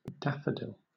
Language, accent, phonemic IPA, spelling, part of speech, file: English, Southern England, /ˈdæfəˌdɪl/, daffodil, noun / adjective, LL-Q1860 (eng)-daffodil.wav
- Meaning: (noun) A bulbous plant of the genus Narcissus, with yellow flowers and a trumpet shaped corona, especially Narcissus pseudonarcissus, the national flower of Wales